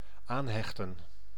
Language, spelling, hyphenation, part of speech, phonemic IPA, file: Dutch, aanhechten, aan‧hech‧ten, verb, /ˈaːnˌɦɛx.tə(n)/, Nl-aanhechten.ogg
- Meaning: 1. to (physically) attach, to join 2. to attach, to append, to include